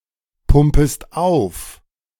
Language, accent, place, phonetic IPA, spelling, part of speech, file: German, Germany, Berlin, [ˌpʊmpəst ˈaʊ̯f], pumpest auf, verb, De-pumpest auf.ogg
- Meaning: second-person singular subjunctive I of aufpumpen